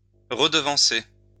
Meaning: to surpass again, to overtake again
- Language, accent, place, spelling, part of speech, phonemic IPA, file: French, France, Lyon, redevancer, verb, /ʁə.d(ə).vɑ̃.se/, LL-Q150 (fra)-redevancer.wav